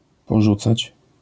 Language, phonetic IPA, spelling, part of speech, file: Polish, [pɔˈʒut͡sat͡ɕ], porzucać, verb, LL-Q809 (pol)-porzucać.wav